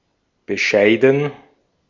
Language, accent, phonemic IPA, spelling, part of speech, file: German, Austria, /bəˈʃaɪ̯dən/, bescheiden, adjective / verb, De-at-bescheiden.ogg
- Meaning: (adjective) 1. modest, humble (of a person) 2. limited, disappointing, little (of qualities, especially success/growth) 3. euphemistic form of beschissen (“shitty”)